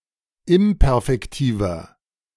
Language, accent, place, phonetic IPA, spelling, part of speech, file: German, Germany, Berlin, [ˈɪmpɛʁfɛktiːvɐ], imperfektiver, adjective, De-imperfektiver.ogg
- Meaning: inflection of imperfektiv: 1. strong/mixed nominative masculine singular 2. strong genitive/dative feminine singular 3. strong genitive plural